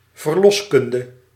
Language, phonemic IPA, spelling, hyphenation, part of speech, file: Dutch, /vərˈlɔsˌkʏn.də/, verloskunde, ver‧los‧kun‧de, noun, Nl-verloskunde.ogg
- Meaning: midwifery